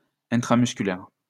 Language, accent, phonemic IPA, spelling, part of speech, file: French, France, /ɛ̃.tʁa.mys.ky.lɛʁ/, intramusculaire, adjective, LL-Q150 (fra)-intramusculaire.wav
- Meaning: intramuscular